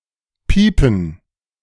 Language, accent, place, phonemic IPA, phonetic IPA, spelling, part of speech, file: German, Germany, Berlin, /ˈpiːpən/, [ˈpiː.pm̩], piepen, verb, De-piepen.ogg
- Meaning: 1. to cheep (of a bird); to squeak (of a mouse) 2. to bleep (of machine etc.)